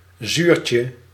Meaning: 1. diminutive of zuur 2. a hard sour-tasting sweet
- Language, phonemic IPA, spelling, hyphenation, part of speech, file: Dutch, /ˈzyːr.tjə/, zuurtje, zuur‧tje, noun, Nl-zuurtje.ogg